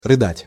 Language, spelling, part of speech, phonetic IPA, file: Russian, рыдать, verb, [rɨˈdatʲ], Ru-рыдать.ogg
- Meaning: to sob, to blubber, to weep (to make noises while crying)